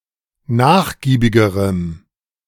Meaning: strong dative masculine/neuter singular comparative degree of nachgiebig
- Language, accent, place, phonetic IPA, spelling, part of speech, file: German, Germany, Berlin, [ˈnaːxˌɡiːbɪɡəʁəm], nachgiebigerem, adjective, De-nachgiebigerem.ogg